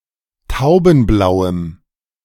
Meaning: strong dative masculine/neuter singular of taubenblau
- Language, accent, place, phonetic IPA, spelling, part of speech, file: German, Germany, Berlin, [ˈtaʊ̯bn̩ˌblaʊ̯əm], taubenblauem, adjective, De-taubenblauem.ogg